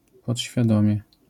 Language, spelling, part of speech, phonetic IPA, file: Polish, podświadomie, adverb, [ˌpɔtʲɕfʲjaˈdɔ̃mʲjɛ], LL-Q809 (pol)-podświadomie.wav